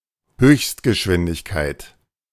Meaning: 1. speed limit 2. maximum speed
- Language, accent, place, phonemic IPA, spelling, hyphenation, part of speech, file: German, Germany, Berlin, /ˈhøːçstɡəˌʃvɪndɪçkaɪ̯t/, Höchstgeschwindigkeit, Höchst‧ge‧schwin‧dig‧keit, noun, De-Höchstgeschwindigkeit.ogg